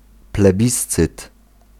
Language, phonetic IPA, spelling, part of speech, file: Polish, [plɛˈbʲist͡sɨt], plebiscyt, noun, Pl-plebiscyt.ogg